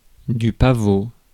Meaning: poppy (the flower)
- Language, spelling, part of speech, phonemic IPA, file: French, pavot, noun, /pa.vo/, Fr-pavot.ogg